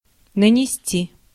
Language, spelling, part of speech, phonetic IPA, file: Russian, нанести, verb, [nənʲɪˈsʲtʲi], Ru-нанести.ogg
- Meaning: 1. to drift (on); to carry, to waft, to deposit, to wash ashore (e.g. of snow, sand, etc.) 2. to mark (on); to draw (e.g. onto a map) 3. to inflict (on); to cause (to); to bring